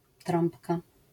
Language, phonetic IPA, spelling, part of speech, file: Polish, [ˈtrɔ̃mpka], trąbka, noun, LL-Q809 (pol)-trąbka.wav